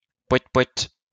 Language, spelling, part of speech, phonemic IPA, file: French, pouët, interjection, /pwɛt/, LL-Q150 (fra)-pouët.wav
- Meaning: toot; parp